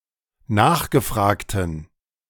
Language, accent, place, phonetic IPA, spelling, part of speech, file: German, Germany, Berlin, [ˈnaːxɡəˌfʁaːktn̩], nachgefragten, adjective, De-nachgefragten.ogg
- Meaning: inflection of nachgefragt: 1. strong genitive masculine/neuter singular 2. weak/mixed genitive/dative all-gender singular 3. strong/weak/mixed accusative masculine singular 4. strong dative plural